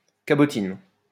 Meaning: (noun) female equivalent of cabotin; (adjective) feminine singular of cabotin
- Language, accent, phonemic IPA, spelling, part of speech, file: French, France, /ka.bɔ.tin/, cabotine, noun / adjective, LL-Q150 (fra)-cabotine.wav